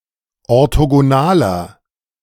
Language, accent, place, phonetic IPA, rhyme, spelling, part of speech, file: German, Germany, Berlin, [ɔʁtoɡoˈnaːlɐ], -aːlɐ, orthogonaler, adjective, De-orthogonaler.ogg
- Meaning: inflection of orthogonal: 1. strong/mixed nominative masculine singular 2. strong genitive/dative feminine singular 3. strong genitive plural